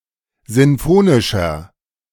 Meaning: 1. comparative degree of sinfonisch 2. inflection of sinfonisch: strong/mixed nominative masculine singular 3. inflection of sinfonisch: strong genitive/dative feminine singular
- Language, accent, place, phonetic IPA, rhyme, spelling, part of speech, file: German, Germany, Berlin, [ˌzɪnˈfoːnɪʃɐ], -oːnɪʃɐ, sinfonischer, adjective, De-sinfonischer.ogg